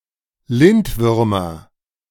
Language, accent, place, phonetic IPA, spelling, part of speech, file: German, Germany, Berlin, [ˈlɪntˌvʏʁmɐ], Lindwürmer, noun, De-Lindwürmer.ogg
- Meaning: nominative/accusative/genitive plural of Lindwurm